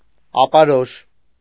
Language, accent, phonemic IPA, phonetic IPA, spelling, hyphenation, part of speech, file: Armenian, Eastern Armenian, /ɑpɑˈɾoʃ/, [ɑpɑɾóʃ], ապարոշ, ա‧պա‧րոշ, noun, Hy-ապարոշ.ogg
- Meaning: diadem